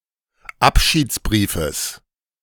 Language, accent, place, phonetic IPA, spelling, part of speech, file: German, Germany, Berlin, [ˈapʃiːt͡sˌbʁiːfəs], Abschiedsbriefes, noun, De-Abschiedsbriefes.ogg
- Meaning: genitive of Abschiedsbrief